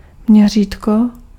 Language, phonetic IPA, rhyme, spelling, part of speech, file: Czech, [ˈmɲɛr̝iːtko], -iːtko, měřítko, noun, Cs-měřítko.ogg
- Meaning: scale (of a map: ratio of depicted distance to actual distance)